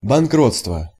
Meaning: bankruptcy (legally declared or recognized condition of insolvency)
- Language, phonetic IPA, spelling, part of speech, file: Russian, [bɐnˈkrot͡stvə], банкротство, noun, Ru-банкротство.ogg